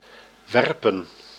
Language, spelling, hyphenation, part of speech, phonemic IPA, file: Dutch, werpen, wer‧pen, verb, /ˈʋɛrpə(n)/, Nl-werpen.ogg
- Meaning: 1. to throw 2. to give birth